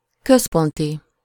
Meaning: central
- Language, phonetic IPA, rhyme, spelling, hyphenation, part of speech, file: Hungarian, [ˈkøsponti], -ti, központi, köz‧pon‧ti, adjective, Hu-központi.ogg